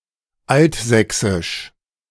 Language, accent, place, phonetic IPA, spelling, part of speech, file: German, Germany, Berlin, [ˈaltˌzɛksɪʃ], Altsächsisch, noun, De-Altsächsisch.ogg
- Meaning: Old Saxon (the Old Saxon language)